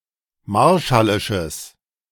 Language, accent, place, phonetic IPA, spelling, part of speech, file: German, Germany, Berlin, [ˈmaʁʃalɪʃəs], marshallisches, adjective, De-marshallisches.ogg
- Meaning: strong/mixed nominative/accusative neuter singular of marshallisch